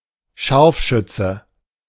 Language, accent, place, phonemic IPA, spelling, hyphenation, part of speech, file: German, Germany, Berlin, /ˈʃaʁfˌʃʏt͡sə/, Scharfschütze, Scharf‧schüt‧ze, noun, De-Scharfschütze.ogg
- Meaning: sniper, sharpshooter (regular soldier or policeman who shoots long range with a precision weapon)